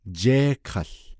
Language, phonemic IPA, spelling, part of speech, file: Navajo, /t͡ʃéːhkʰɑ̀ɬ/, jééhkał, noun / verb, Nv-jééhkał.ogg
- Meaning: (noun) deaf, hard of hearing; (verb) to be deaf